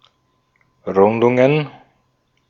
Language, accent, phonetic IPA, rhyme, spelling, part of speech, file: German, Austria, [ˈʁʊndʊŋən], -ʊndʊŋən, Rundungen, noun, De-at-Rundungen.ogg
- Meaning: plural of Rundung